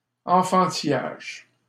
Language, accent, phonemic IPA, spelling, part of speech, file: French, Canada, /ɑ̃.fɑ̃.ti.jaʒ/, enfantillage, noun, LL-Q150 (fra)-enfantillage.wav
- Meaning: childishness